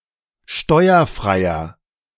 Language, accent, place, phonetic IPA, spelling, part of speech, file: German, Germany, Berlin, [ˈʃtɔɪ̯ɐˌfʁaɪ̯ɐ], steuerfreier, adjective, De-steuerfreier.ogg
- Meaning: inflection of steuerfrei: 1. strong/mixed nominative masculine singular 2. strong genitive/dative feminine singular 3. strong genitive plural